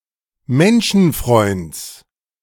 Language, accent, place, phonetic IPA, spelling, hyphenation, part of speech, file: German, Germany, Berlin, [ˈmɛnʃn̩fʁɔʏnds], Menschenfreunds, Men‧schen‧freunds, noun, De-Menschenfreunds.ogg
- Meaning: genitive singular of Menschenfreund